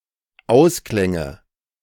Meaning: nominative/accusative/genitive plural of Ausklang
- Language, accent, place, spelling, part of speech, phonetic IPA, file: German, Germany, Berlin, Ausklänge, noun, [ˈaʊ̯sˌklɛŋə], De-Ausklänge.ogg